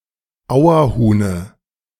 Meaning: dative singular of Auerhuhn
- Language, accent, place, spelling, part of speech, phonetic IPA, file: German, Germany, Berlin, Auerhuhne, noun, [ˈaʊ̯ɐˌhuːnə], De-Auerhuhne.ogg